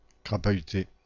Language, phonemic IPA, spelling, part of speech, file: French, /kʁa.pa.y.te/, crapahuter, verb, Fr-crapahuter.ogg
- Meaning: to walk to battle, especially over difficult terrain; to yomp